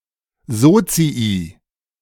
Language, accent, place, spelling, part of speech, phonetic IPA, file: German, Germany, Berlin, Sozii, noun, [ˈzoːt͡sii], De-Sozii.ogg
- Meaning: plural of Sozius